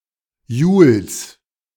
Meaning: genitive of Jul
- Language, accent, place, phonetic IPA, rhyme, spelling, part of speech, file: German, Germany, Berlin, [juːls], -uːls, Juls, noun, De-Juls.ogg